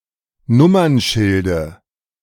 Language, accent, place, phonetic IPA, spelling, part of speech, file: German, Germany, Berlin, [ˈnʊmɐnˌʃɪldə], Nummernschilde, noun, De-Nummernschilde.ogg
- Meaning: dative of Nummernschild